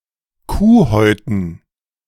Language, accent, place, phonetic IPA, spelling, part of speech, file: German, Germany, Berlin, [ˈkuːˌhɔɪ̯tn̩], Kuhhäuten, noun, De-Kuhhäuten.ogg
- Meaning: dative plural of Kuhhaut